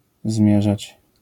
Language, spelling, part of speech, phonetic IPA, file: Polish, zmierzać, verb, [ˈzmʲjɛʒat͡ɕ], LL-Q809 (pol)-zmierzać.wav